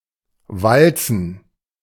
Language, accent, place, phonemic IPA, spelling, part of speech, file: German, Germany, Berlin, /ˈvaltsn̩/, walzen, verb, De-walzen.ogg
- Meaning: 1. to roll 2. to mill 3. to waltz (dance the waltz) 4. to wander